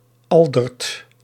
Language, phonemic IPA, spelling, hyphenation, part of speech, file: Dutch, /ˈɑl.dərt/, Aldert, Al‧dert, proper noun, Nl-Aldert.ogg
- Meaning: a male given name